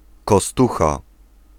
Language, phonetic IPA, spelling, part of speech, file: Polish, [kɔˈstuxa], kostucha, noun, Pl-kostucha.ogg